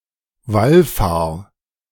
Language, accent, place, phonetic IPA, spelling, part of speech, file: German, Germany, Berlin, [ˈvalˌfaːɐ̯], wallfahr, verb, De-wallfahr.ogg
- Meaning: 1. singular imperative of wallfahren 2. first-person singular present of wallfahren